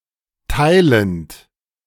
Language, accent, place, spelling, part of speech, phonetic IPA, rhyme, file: German, Germany, Berlin, teilend, verb, [ˈtaɪ̯lənt], -aɪ̯lənt, De-teilend.ogg
- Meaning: present participle of teilen